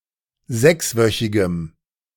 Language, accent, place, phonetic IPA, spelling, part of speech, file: German, Germany, Berlin, [ˈzɛksˌvœçɪɡəm], sechswöchigem, adjective, De-sechswöchigem.ogg
- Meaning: strong dative masculine/neuter singular of sechswöchig